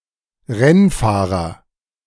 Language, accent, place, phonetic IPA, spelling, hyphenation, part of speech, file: German, Germany, Berlin, [ˈʁɛnˌfaːʁɐ], Rennfahrer, Renn‧fah‧rer, noun, De-Rennfahrer.ogg
- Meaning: racer, race driver